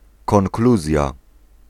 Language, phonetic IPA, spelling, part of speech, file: Polish, [kɔ̃ŋˈkluzʲja], konkluzja, noun, Pl-konkluzja.ogg